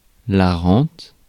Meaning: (noun) 1. annuity; benefit 2. pension 3. private income; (verb) inflection of renter: 1. first/third-person singular present indicative/subjunctive 2. second-person singular imperative
- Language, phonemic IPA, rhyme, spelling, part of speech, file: French, /ʁɑ̃t/, -ɑ̃t, rente, noun / verb, Fr-rente.ogg